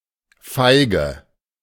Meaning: 1. fig 2. vulva 3. female equivalent of Feiger: cowardly woman 4. inflection of Feiger (“cowardly person”): strong nominative/accusative plural
- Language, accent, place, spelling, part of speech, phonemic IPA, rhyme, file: German, Germany, Berlin, Feige, noun, /ˈfaɪ̯ɡə/, -aɪ̯ɡə, De-Feige.ogg